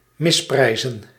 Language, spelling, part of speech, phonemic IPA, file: Dutch, misprijzen, verb, /ˌmɪsˈprɛi̯.zə(n)/, Nl-misprijzen.ogg
- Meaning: to disapprove of, reproach